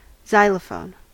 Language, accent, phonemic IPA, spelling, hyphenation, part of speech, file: English, General American, /ˈzaɪləˌfoʊn/, xylophone, xy‧lo‧phone, noun / verb, En-us-xylophone.ogg